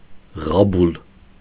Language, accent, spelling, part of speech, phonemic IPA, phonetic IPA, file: Armenian, Eastern Armenian, ղաբուլ, noun, /ʁɑˈbul/, [ʁɑbúl], Hy-ղաբուլ.ogg
- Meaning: acceptance, admission